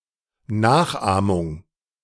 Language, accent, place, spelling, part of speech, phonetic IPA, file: German, Germany, Berlin, Nachahmung, noun, [ˈnaːxˌʔaːmʊŋ], De-Nachahmung.ogg
- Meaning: mimicry